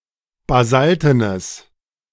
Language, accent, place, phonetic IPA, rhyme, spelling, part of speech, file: German, Germany, Berlin, [baˈzaltənəs], -altənəs, basaltenes, adjective, De-basaltenes.ogg
- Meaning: strong/mixed nominative/accusative neuter singular of basalten